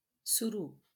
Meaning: begun, underway, in progress
- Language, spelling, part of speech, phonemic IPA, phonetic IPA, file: Marathi, सुरू, adverb, /su.ɾu/, [su.ɾuː], LL-Q1571 (mar)-सुरू.wav